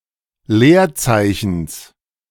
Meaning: genitive singular of Leerzeichen
- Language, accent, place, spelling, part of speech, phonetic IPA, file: German, Germany, Berlin, Leerzeichens, noun, [ˈleːɐ̯ˌt͡saɪ̯çn̩s], De-Leerzeichens.ogg